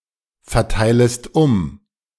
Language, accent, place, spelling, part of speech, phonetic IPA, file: German, Germany, Berlin, verteilest um, verb, [fɛɐ̯ˌtaɪ̯ləst ˈʊm], De-verteilest um.ogg
- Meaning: second-person singular subjunctive I of umverteilen